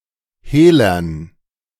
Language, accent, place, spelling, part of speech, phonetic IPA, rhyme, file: German, Germany, Berlin, Hehlern, noun, [ˈheːlɐn], -eːlɐn, De-Hehlern.ogg
- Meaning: dative plural of Hehler